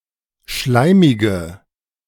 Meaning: inflection of schleimig: 1. strong/mixed nominative/accusative feminine singular 2. strong nominative/accusative plural 3. weak nominative all-gender singular
- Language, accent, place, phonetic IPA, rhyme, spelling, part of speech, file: German, Germany, Berlin, [ˈʃlaɪ̯mɪɡə], -aɪ̯mɪɡə, schleimige, adjective, De-schleimige.ogg